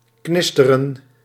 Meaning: alternative form of knisperen
- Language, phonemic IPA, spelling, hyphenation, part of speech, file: Dutch, /ˈknɪs.tə.rə(n)/, knisteren, knis‧te‧ren, verb, Nl-knisteren.ogg